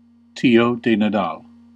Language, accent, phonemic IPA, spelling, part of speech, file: English, US, /tiˌoʊ dɛ nəˈdɑl/, tió de Nadal, noun, En-us-tió de Nadal.ogg